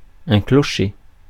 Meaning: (noun) bell tower, steeple; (verb) 1. to ring a bell 2. to limp 3. to wobble 4. to be wrong
- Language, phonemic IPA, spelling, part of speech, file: French, /klɔ.ʃe/, clocher, noun / verb, Fr-clocher.ogg